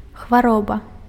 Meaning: illness, disease
- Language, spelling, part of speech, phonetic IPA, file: Belarusian, хвароба, noun, [xvaˈroba], Be-хвароба.ogg